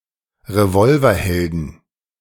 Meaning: plural of Revolverheld
- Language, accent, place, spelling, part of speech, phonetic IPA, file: German, Germany, Berlin, Revolverhelden, noun, [ʁeˈvɔlvɐˌhɛldn̩], De-Revolverhelden.ogg